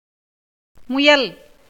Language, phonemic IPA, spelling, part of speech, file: Tamil, /mʊjɐl/, முயல், noun / verb, Ta-முயல்.ogg
- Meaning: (noun) rabbit, hare, especially Indian hare (Lepus nigricollis); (verb) to try, make an effort